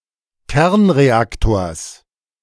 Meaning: genitive singular of Kernreaktor
- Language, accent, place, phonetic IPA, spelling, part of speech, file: German, Germany, Berlin, [ˈkɛʁnʁeˌaktoːɐ̯s], Kernreaktors, noun, De-Kernreaktors.ogg